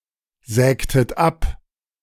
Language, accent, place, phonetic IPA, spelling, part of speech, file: German, Germany, Berlin, [ˌzɛːktət ˈap], sägtet ab, verb, De-sägtet ab.ogg
- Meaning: inflection of absägen: 1. second-person plural preterite 2. second-person plural subjunctive II